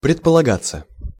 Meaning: 1. to be planned 2. to be assumed, to be supposed; to be presumed, to be implied 3. passive of предполага́ть (predpolagátʹ)
- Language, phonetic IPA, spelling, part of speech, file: Russian, [prʲɪtpəɫɐˈɡat͡sːə], предполагаться, verb, Ru-предполагаться.ogg